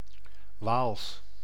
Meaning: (proper noun) Walloon (the language); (adjective) 1. Walloon 2. relating to the Walloon church
- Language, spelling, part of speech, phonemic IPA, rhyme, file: Dutch, Waals, proper noun / adjective, /ʋaːls/, -aːls, Nl-Waals.ogg